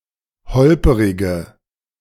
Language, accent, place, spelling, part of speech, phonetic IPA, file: German, Germany, Berlin, holperige, adjective, [ˈhɔlpəʁɪɡə], De-holperige.ogg
- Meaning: inflection of holperig: 1. strong/mixed nominative/accusative feminine singular 2. strong nominative/accusative plural 3. weak nominative all-gender singular